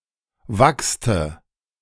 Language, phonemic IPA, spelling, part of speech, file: German, /vakstə/, wachste, verb, De-wachste.ogg
- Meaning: first/third-person singular preterite of wachsen (“to wax”)